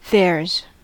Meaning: 1. Contraction of there is 2. Contraction of there are 3. Contraction of there + has 4. Contraction of there + was 5. Contraction of there + does
- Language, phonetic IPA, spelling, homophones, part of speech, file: English, [ðɛːz], there's, theirs, contraction, En-us-there's.ogg